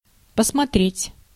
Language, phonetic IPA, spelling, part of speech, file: Russian, [pəsmɐˈtrʲetʲ], посмотреть, verb, Ru-посмотреть.ogg
- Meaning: 1. to look 2. to see, to watch 3. to search, to look for